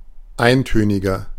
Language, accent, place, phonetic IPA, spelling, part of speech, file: German, Germany, Berlin, [ˈaɪ̯nˌtøːnɪɡɐ], eintöniger, adjective, De-eintöniger.ogg
- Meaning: 1. comparative degree of eintönig 2. inflection of eintönig: strong/mixed nominative masculine singular 3. inflection of eintönig: strong genitive/dative feminine singular